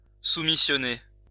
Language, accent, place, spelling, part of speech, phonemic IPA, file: French, France, Lyon, soumissionner, verb, /su.mi.sjɔ.ne/, LL-Q150 (fra)-soumissionner.wav
- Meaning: to tender, bid (for)